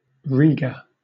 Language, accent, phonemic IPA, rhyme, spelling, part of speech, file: English, Southern England, /ˈɹiːɡə/, -iːɡə, Riga, proper noun, LL-Q1860 (eng)-Riga.wav
- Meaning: 1. The capital city of Latvia 2. The Latvian government 3. A place in the United States: A township and unincorporated community therein, in Lenawee County, Michigan